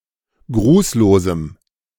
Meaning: strong dative masculine/neuter singular of grußlos
- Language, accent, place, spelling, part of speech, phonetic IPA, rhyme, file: German, Germany, Berlin, grußlosem, adjective, [ˈɡʁuːsloːzm̩], -uːsloːzm̩, De-grußlosem.ogg